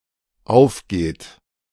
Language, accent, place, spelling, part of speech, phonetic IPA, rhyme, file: German, Germany, Berlin, aufgeht, verb, [ˈaʊ̯fˌɡeːt], -aʊ̯fɡeːt, De-aufgeht.ogg
- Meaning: inflection of aufgehen: 1. third-person singular dependent present 2. second-person plural dependent present